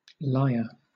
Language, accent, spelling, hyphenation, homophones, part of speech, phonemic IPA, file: English, Southern England, liar, li‧ar, lyre / lier, noun, /ˈlaɪ.ə/, LL-Q1860 (eng)-liar.wav
- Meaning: Someone who tells a lie; especially, a person who frequently lies